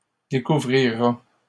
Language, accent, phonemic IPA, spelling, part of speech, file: French, Canada, /de.ku.vʁi.ʁa/, découvrira, verb, LL-Q150 (fra)-découvrira.wav
- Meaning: third-person singular future of découvrir